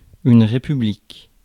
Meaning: republic
- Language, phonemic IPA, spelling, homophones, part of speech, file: French, /ʁe.py.blik/, république, républiques, noun, Fr-république.ogg